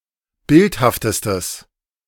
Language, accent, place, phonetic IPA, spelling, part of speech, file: German, Germany, Berlin, [ˈbɪlthaftəstəs], bildhaftestes, adjective, De-bildhaftestes.ogg
- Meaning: strong/mixed nominative/accusative neuter singular superlative degree of bildhaft